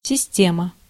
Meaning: 1. system 2. systema (Russian martial art)
- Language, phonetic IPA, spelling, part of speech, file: Russian, [sʲɪˈsʲtʲemə], система, noun, Ru-система.ogg